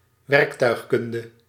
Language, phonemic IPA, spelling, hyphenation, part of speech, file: Dutch, /wɛrəktœyxkʌndə/, werktuigkunde, werk‧tuig‧kun‧de, noun, Nl-werktuigkunde.ogg
- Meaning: mechanical engineering